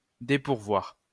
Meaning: to unequip
- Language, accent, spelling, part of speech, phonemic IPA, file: French, France, dépourvoir, verb, /de.puʁ.vwaʁ/, LL-Q150 (fra)-dépourvoir.wav